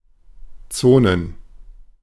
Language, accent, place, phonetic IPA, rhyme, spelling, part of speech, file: German, Germany, Berlin, [ˈt͡soːnən], -oːnən, Zonen, noun, De-Zonen.ogg
- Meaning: plural of Zone